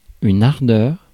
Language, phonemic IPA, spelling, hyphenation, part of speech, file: French, /aʁ.dœʁ/, ardeur, ar‧deur, noun, Fr-ardeur.ogg
- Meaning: 1. intense heat 2. ardour, fervour, passion